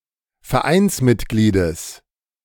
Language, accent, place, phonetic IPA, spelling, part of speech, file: German, Germany, Berlin, [fɛɐ̯ˈʔaɪ̯nsmɪtˌɡliːdəs], Vereinsmitgliedes, noun, De-Vereinsmitgliedes.ogg
- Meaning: genitive singular of Vereinsmitglied